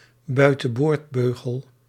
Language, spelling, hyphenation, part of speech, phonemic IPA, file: Dutch, buitenboordbeugel, bui‧ten‧boord‧beu‧gel, noun, /bœy̯.tə(n)ˈboːrtˌbøː.ɣəl/, Nl-buitenboordbeugel.ogg
- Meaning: orthodontic headgear